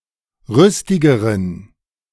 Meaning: inflection of rüstig: 1. strong genitive masculine/neuter singular comparative degree 2. weak/mixed genitive/dative all-gender singular comparative degree
- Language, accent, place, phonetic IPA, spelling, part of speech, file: German, Germany, Berlin, [ˈʁʏstɪɡəʁən], rüstigeren, adjective, De-rüstigeren.ogg